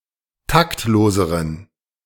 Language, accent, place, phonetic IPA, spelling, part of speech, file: German, Germany, Berlin, [ˈtaktˌloːzəʁən], taktloseren, adjective, De-taktloseren.ogg
- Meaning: inflection of taktlos: 1. strong genitive masculine/neuter singular comparative degree 2. weak/mixed genitive/dative all-gender singular comparative degree